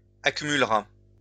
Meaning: third-person singular simple future of accumuler
- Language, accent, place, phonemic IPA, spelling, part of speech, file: French, France, Lyon, /a.ky.myl.ʁa/, accumulera, verb, LL-Q150 (fra)-accumulera.wav